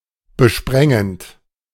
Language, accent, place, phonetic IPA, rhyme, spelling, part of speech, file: German, Germany, Berlin, [bəˈʃpʁɛŋənt], -ɛŋənt, besprengend, verb, De-besprengend.ogg
- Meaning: present participle of besprengen